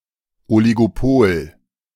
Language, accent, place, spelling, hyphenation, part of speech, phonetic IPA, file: German, Germany, Berlin, Oligopol, Oligopol, noun, [ˌɔliɡoˈpoːl], De-Oligopol.ogg
- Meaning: oligopoly